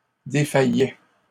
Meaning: third-person plural imperfect indicative of défaillir
- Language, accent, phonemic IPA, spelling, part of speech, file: French, Canada, /de.fa.jɛ/, défaillaient, verb, LL-Q150 (fra)-défaillaient.wav